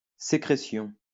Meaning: secretion
- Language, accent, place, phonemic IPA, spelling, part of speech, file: French, France, Lyon, /se.kʁe.sjɔ̃/, sécrétion, noun, LL-Q150 (fra)-sécrétion.wav